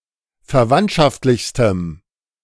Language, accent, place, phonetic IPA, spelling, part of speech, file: German, Germany, Berlin, [fɛɐ̯ˈvantʃaftlɪçstəm], verwandtschaftlichstem, adjective, De-verwandtschaftlichstem.ogg
- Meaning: strong dative masculine/neuter singular superlative degree of verwandtschaftlich